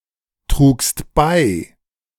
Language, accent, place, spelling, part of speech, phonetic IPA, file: German, Germany, Berlin, trugst bei, verb, [ˌtʁuːkst ˈbaɪ̯], De-trugst bei.ogg
- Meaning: second-person singular preterite of beitragen